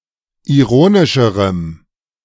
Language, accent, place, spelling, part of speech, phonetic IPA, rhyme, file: German, Germany, Berlin, ironischerem, adjective, [iˈʁoːnɪʃəʁəm], -oːnɪʃəʁəm, De-ironischerem.ogg
- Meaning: strong dative masculine/neuter singular comparative degree of ironisch